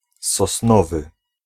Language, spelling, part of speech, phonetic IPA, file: Polish, sosnowy, adjective, [sɔsˈnɔvɨ], Pl-sosnowy.ogg